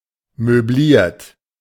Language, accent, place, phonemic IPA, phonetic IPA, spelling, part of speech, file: German, Germany, Berlin, /møˈbliːʁt/, [møˈbliːɐ̯tʰ], möbliert, verb / adjective, De-möbliert.ogg
- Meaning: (verb) past participle of möblieren; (adjective) furnished; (verb) inflection of möblieren: 1. third-person singular present 2. second-person plural present 3. plural imperative